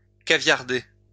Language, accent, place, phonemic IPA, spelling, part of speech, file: French, France, Lyon, /ka.vjaʁ.de/, caviarder, verb, LL-Q150 (fra)-caviarder.wav
- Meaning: to redact (to censor, to black out or remove parts of a document while leaving the remainder)